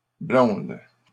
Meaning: plural of blonde
- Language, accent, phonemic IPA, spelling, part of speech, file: French, Canada, /blɔ̃d/, blondes, noun, LL-Q150 (fra)-blondes.wav